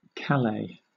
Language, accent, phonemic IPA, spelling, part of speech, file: English, Southern England, /ˈkæleɪ/, Calais, proper noun, LL-Q1860 (eng)-Calais.wav
- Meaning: 1. A city in Pas-de-Calais department, Hauts-de-France, France 2. A city in Washington County, Maine, United States